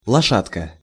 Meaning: diminutive of ло́шадь (lóšadʹ): horsey, small horse
- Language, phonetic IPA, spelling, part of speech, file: Russian, [ɫɐˈʂatkə], лошадка, noun, Ru-лошадка.ogg